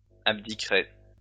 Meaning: first-person singular future of abdiquer
- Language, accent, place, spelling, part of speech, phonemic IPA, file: French, France, Lyon, abdiquerai, verb, /ab.di.kʁe/, LL-Q150 (fra)-abdiquerai.wav